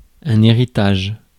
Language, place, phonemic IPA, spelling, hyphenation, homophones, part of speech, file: French, Paris, /e.ʁi.taʒ/, héritage, hé‧ri‧tage, héritages, noun, Fr-héritage.ogg
- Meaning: 1. heritage, inheritance, legacy 2. patrimony 3. inheritance